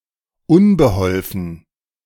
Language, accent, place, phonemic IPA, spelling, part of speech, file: German, Germany, Berlin, /ˈʊnbəhɔlfən/, unbeholfen, adjective / adverb, De-unbeholfen.ogg
- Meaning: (adjective) clumsy, awkward, shiftless; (adverb) clumsily, awkwardly